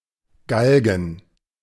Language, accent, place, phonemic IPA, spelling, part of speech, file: German, Germany, Berlin, /ˈɡalɡən/, Galgen, noun, De-Galgen.ogg
- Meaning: gallows